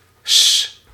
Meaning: contraction of des
- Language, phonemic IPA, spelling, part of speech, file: Dutch, /s/, 's, article, Nl-'s.ogg